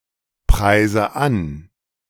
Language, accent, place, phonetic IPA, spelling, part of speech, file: German, Germany, Berlin, [ˌpʁaɪ̯zə ˈan], preise an, verb, De-preise an.ogg
- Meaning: inflection of anpreisen: 1. first-person singular present 2. first/third-person singular subjunctive I 3. singular imperative